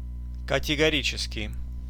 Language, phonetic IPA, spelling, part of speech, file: Russian, [kətʲɪɡɐˈrʲit͡ɕɪskʲɪj], категорический, adjective, Ru-категорический.ogg
- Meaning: categorical, (refusal, denial etc) flat